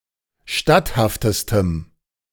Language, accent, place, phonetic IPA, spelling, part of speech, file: German, Germany, Berlin, [ˈʃtathaftəstəm], statthaftestem, adjective, De-statthaftestem.ogg
- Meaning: strong dative masculine/neuter singular superlative degree of statthaft